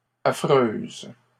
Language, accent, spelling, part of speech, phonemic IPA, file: French, Canada, affreuses, adjective, /a.fʁøz/, LL-Q150 (fra)-affreuses.wav
- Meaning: feminine plural of affreux